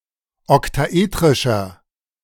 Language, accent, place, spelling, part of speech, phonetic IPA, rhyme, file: German, Germany, Berlin, oktaetrischer, adjective, [ɔktaˈʔeːtʁɪʃɐ], -eːtʁɪʃɐ, De-oktaetrischer.ogg
- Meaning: inflection of oktaetrisch: 1. strong/mixed nominative masculine singular 2. strong genitive/dative feminine singular 3. strong genitive plural